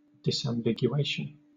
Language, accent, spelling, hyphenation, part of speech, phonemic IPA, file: English, Southern England, disambiguation, dis‧am‧big‧u‧a‧tion, noun, /dɪsæmˌbɪɡjuːˈeɪʃən/, LL-Q1860 (eng)-disambiguation.wav
- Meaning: 1. The removal of ambiguity 2. A page on a wiki containing links to two or more topics with the same name